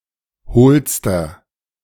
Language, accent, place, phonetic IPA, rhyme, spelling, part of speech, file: German, Germany, Berlin, [ˈhoːlstɐ], -oːlstɐ, hohlster, adjective, De-hohlster.ogg
- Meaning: inflection of hohl: 1. strong/mixed nominative masculine singular superlative degree 2. strong genitive/dative feminine singular superlative degree 3. strong genitive plural superlative degree